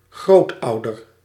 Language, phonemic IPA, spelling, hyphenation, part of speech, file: Dutch, /ˈɣroːtˌɑu̯.dər/, grootouder, groot‧ou‧der, noun, Nl-grootouder.ogg
- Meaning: grandparent, a parent of someone's parent